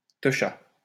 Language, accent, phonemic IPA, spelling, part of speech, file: French, France, /tə.ʃa/, techa, noun, LL-Q150 (fra)-techa.wav
- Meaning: alternative form of teuch